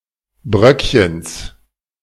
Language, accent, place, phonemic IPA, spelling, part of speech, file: German, Germany, Berlin, /ˈbʁœkçəns/, Bröckchens, noun, De-Bröckchens.ogg
- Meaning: genitive of Bröckchen